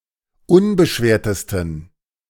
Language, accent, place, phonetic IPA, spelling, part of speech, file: German, Germany, Berlin, [ˈʊnbəˌʃveːɐ̯təstn̩], unbeschwertesten, adjective, De-unbeschwertesten.ogg
- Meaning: 1. superlative degree of unbeschwert 2. inflection of unbeschwert: strong genitive masculine/neuter singular superlative degree